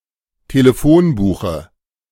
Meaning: dative of Telefonbuch
- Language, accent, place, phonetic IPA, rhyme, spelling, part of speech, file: German, Germany, Berlin, [teləˈfoːnˌbuːxə], -oːnbuːxə, Telefonbuche, noun, De-Telefonbuche.ogg